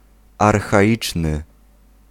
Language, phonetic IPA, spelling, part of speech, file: Polish, [ˌarxaˈʲit͡ʃnɨ], archaiczny, adjective, Pl-archaiczny.ogg